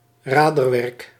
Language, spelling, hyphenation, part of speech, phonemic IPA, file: Dutch, raderwerk, ra‧der‧werk, noun, /ˈraː.dərˌʋɛrk/, Nl-raderwerk.ogg
- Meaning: cogwheel mechanism